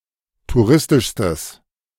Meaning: strong/mixed nominative/accusative neuter singular superlative degree of touristisch
- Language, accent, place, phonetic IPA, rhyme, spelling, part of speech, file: German, Germany, Berlin, [tuˈʁɪstɪʃstəs], -ɪstɪʃstəs, touristischstes, adjective, De-touristischstes.ogg